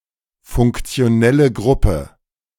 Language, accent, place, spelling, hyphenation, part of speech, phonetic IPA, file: German, Germany, Berlin, funktionelle Gruppe, funk‧ti‧o‧nel‧le Grup‧pe, noun, [fʊŋkt͡si̯oˈnɛlə ˈɡʁʊpə], De-funktionelle Gruppe.ogg
- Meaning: functional group